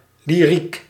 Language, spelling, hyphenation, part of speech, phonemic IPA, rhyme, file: Dutch, lyriek, ly‧riek, noun, /liˈrik/, -ik, Nl-lyriek.ogg
- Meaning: lyric poetry